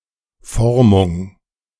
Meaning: 1. moulding, shaping 2. forming
- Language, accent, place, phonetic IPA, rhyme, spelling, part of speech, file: German, Germany, Berlin, [ˈfɔʁmʊŋ], -ɔʁmʊŋ, Formung, noun, De-Formung.ogg